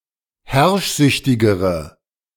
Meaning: inflection of herrschsüchtig: 1. strong/mixed nominative/accusative feminine singular comparative degree 2. strong nominative/accusative plural comparative degree
- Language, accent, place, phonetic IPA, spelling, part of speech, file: German, Germany, Berlin, [ˈhɛʁʃˌzʏçtɪɡəʁə], herrschsüchtigere, adjective, De-herrschsüchtigere.ogg